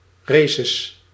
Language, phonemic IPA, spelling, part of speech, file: Dutch, /ˈresəs/, races, noun, Nl-races.ogg
- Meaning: plural of race